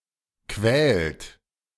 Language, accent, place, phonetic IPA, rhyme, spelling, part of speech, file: German, Germany, Berlin, [kvɛːlt], -ɛːlt, quält, verb, De-quält.ogg
- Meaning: inflection of quälen: 1. third-person singular present 2. second-person plural present 3. plural imperative